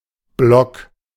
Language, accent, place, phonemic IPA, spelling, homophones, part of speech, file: German, Germany, Berlin, /blɔk/, Blog, Block / blogg / block, noun, De-Blog.ogg
- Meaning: blog